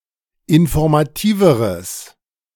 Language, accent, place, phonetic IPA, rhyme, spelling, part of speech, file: German, Germany, Berlin, [ɪnfɔʁmaˈtiːvəʁəs], -iːvəʁəs, informativeres, adjective, De-informativeres.ogg
- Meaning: strong/mixed nominative/accusative neuter singular comparative degree of informativ